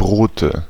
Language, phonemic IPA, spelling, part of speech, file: German, /ˈbʁoːtə/, Brote, noun, De-Brote.ogg
- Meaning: nominative/accusative/genitive plural of Brot "breads"